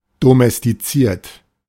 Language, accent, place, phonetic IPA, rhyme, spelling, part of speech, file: German, Germany, Berlin, [domɛstiˈt͡siːɐ̯t], -iːɐ̯t, domestiziert, verb, De-domestiziert.ogg
- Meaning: 1. past participle of domestizieren 2. inflection of domestizieren: third-person singular present 3. inflection of domestizieren: second-person plural present